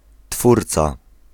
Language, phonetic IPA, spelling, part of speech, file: Polish, [ˈtfurt͡sa], twórca, noun, Pl-twórca.ogg